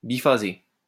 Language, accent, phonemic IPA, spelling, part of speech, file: French, France, /bi.fa.ze/, biphasé, adjective, LL-Q150 (fra)-biphasé.wav
- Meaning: biphase